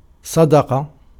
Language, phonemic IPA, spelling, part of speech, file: Arabic, /sˤa.da.qa/, صدق, verb, Ar-صدق.ogg
- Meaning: 1. to be truthful, to speak the truth 2. to tell (someone) the truth 3. to be sincere 4. to prove true 5. to become aware of